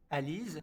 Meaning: fruit of the whitebeam
- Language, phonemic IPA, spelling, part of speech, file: French, /a.liz/, alise, noun, LL-Q150 (fra)-alise.wav